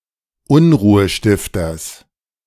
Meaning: genitive singular of Unruhestifter
- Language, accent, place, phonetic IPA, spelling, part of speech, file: German, Germany, Berlin, [ˈʊnʁuːəˌʃtɪftɐs], Unruhestifters, noun, De-Unruhestifters.ogg